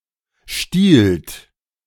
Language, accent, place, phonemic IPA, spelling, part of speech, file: German, Germany, Berlin, /ʃtiːlt/, stiehlt, verb, De-stiehlt.ogg
- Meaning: third-person singular present of stehlen